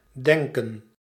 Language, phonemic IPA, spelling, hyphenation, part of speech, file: Dutch, /ˈdɛŋkə(n)/, denken, den‧ken, verb, Nl-denken.ogg
- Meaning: to think